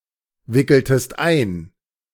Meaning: inflection of einwickeln: 1. second-person singular preterite 2. second-person singular subjunctive II
- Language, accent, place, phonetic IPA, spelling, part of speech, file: German, Germany, Berlin, [ˌvɪkl̩təst ˈaɪ̯n], wickeltest ein, verb, De-wickeltest ein.ogg